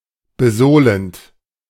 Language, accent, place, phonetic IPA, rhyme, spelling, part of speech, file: German, Germany, Berlin, [bəˈzoːlənt], -oːlənt, besohlend, verb, De-besohlend.ogg
- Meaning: present participle of besohlen